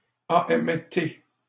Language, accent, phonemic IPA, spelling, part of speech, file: French, Canada, /a.ɛm.te/, AMT, proper noun, LL-Q150 (fra)-AMT.wav
- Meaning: MTA - AMT — Agence métropolitaine de transport – the former public transit agency for the CMM, now replaced by the RTM - the Réseau de transport métropolitain